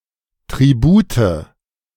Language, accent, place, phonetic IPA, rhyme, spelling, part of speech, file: German, Germany, Berlin, [tʁiˈbuːtə], -uːtə, Tribute, noun, De-Tribute.ogg
- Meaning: nominative/accusative/genitive plural of Tribut